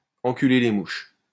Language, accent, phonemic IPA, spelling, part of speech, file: French, France, /ɑ̃.ky.le le muʃ/, enculer les mouches, verb, LL-Q150 (fra)-enculer les mouches.wav
- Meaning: to split hairs; to nitpick